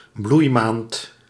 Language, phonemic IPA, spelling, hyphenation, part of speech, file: Dutch, /ˈblujˌmaːnt/, bloeimaand, bloei‧maand, noun, Nl-bloeimaand.ogg
- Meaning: May